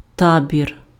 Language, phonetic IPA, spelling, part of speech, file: Ukrainian, [ˈtabʲir], табір, noun, Uk-табір.ogg
- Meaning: camp